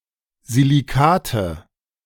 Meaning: nominative/accusative/genitive plural of Silicat
- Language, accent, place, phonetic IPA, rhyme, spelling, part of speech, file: German, Germany, Berlin, [ziliˈkaːtə], -aːtə, Silicate, noun, De-Silicate.ogg